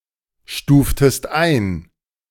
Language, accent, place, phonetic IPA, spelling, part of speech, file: German, Germany, Berlin, [ˌʃtuːftəst ˈaɪ̯n], stuftest ein, verb, De-stuftest ein.ogg
- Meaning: inflection of einstufen: 1. second-person singular preterite 2. second-person singular subjunctive II